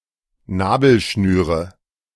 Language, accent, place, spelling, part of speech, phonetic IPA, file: German, Germany, Berlin, Nabelschnüre, noun, [ˈnaːbl̩ʃnyːʁə], De-Nabelschnüre.ogg
- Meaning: nominative/accusative/genitive plural of Nabelschnur